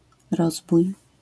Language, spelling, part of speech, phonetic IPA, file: Polish, rozbój, noun, [ˈrɔzbuj], LL-Q809 (pol)-rozbój.wav